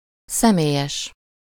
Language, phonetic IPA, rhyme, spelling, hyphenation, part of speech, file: Hungarian, [ˈsɛmeːjɛʃ], -ɛʃ, személyes, sze‧mé‧lyes, adjective, Hu-személyes.ogg
- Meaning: personal